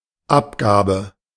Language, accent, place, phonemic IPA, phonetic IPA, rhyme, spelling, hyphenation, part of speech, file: German, Germany, Berlin, /ˈapˌɡaːbə/, [ˈʔapˌɡaːbə], -aːbə, Abgabe, Ab‧ga‧be, noun, De-Abgabe.ogg
- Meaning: 1. levy, tax, duty 2. delivery, delivering (often used for delivery of pharmaceuticals drugs, chemical liquids, other substances and agents)